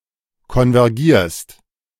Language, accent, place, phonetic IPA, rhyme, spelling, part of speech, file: German, Germany, Berlin, [kɔnvɛʁˈɡiːɐ̯st], -iːɐ̯st, konvergierst, verb, De-konvergierst.ogg
- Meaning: second-person singular present of konvergieren